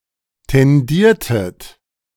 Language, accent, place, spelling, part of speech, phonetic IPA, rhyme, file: German, Germany, Berlin, tendiertet, verb, [tɛnˈdiːɐ̯tət], -iːɐ̯tət, De-tendiertet.ogg
- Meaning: inflection of tendieren: 1. second-person plural preterite 2. second-person plural subjunctive II